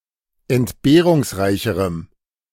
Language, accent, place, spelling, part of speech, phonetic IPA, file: German, Germany, Berlin, entbehrungsreicherem, adjective, [ɛntˈbeːʁʊŋsˌʁaɪ̯çəʁəm], De-entbehrungsreicherem.ogg
- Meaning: strong dative masculine/neuter singular comparative degree of entbehrungsreich